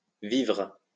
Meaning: food supplies, provisions
- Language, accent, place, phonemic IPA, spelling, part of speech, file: French, France, Lyon, /vivʁ/, vivres, noun, LL-Q150 (fra)-vivres.wav